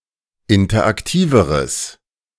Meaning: strong/mixed nominative/accusative neuter singular comparative degree of interaktiv
- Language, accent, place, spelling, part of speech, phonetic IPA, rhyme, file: German, Germany, Berlin, interaktiveres, adjective, [ˌɪntɐʔakˈtiːvəʁəs], -iːvəʁəs, De-interaktiveres.ogg